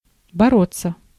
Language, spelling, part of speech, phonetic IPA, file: Russian, бороться, verb, [bɐˈrot͡sːə], Ru-бороться.ogg
- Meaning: to fight, to wrestle, to struggle, to strive